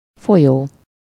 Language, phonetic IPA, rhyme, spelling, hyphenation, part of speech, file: Hungarian, [ˈfojoː], -joː, folyó, fo‧lyó, verb / adjective / noun, Hu-folyó.ogg
- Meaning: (verb) present participle of folyik; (adjective) 1. flowing, running 2. leaky 3. current (chiefly with hó (“month”), év (“year”), and their derivations havi, évi); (noun) river